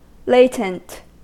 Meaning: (adjective) 1. Existing or present, but concealed or inactive 2. Remaining in an inactive or hidden phase; dormant
- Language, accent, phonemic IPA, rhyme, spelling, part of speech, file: English, US, /ˈleɪ.tənt/, -eɪtənt, latent, adjective / noun, En-us-latent.ogg